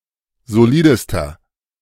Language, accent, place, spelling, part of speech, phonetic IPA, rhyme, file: German, Germany, Berlin, solidester, adjective, [zoˈliːdəstɐ], -iːdəstɐ, De-solidester.ogg
- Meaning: inflection of solid: 1. strong/mixed nominative masculine singular superlative degree 2. strong genitive/dative feminine singular superlative degree 3. strong genitive plural superlative degree